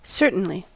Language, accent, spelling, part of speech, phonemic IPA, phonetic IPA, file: English, US, certainly, adverb, /ˈsɝ.tn̩.li/, [ˈsɝ.ʔn̩.li], En-us-certainly.ogg
- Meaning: 1. In a way which is certain; with certainty 2. Without doubt, surely 3. An emphatic affirmative answer; of course